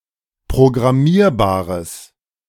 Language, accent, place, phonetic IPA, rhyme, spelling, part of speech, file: German, Germany, Berlin, [pʁoɡʁaˈmiːɐ̯baːʁəs], -iːɐ̯baːʁəs, programmierbares, adjective, De-programmierbares.ogg
- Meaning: strong/mixed nominative/accusative neuter singular of programmierbar